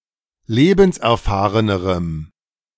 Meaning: strong dative masculine/neuter singular comparative degree of lebenserfahren
- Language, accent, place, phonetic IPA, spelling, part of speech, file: German, Germany, Berlin, [ˈleːbn̩sʔɛɐ̯ˌfaːʁənəʁəm], lebenserfahrenerem, adjective, De-lebenserfahrenerem.ogg